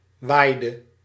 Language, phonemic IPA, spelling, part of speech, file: Dutch, /ˈʋaɪdə/, waaide, verb, Nl-waaide.ogg
- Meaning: inflection of waaien: 1. singular past indicative 2. singular past subjunctive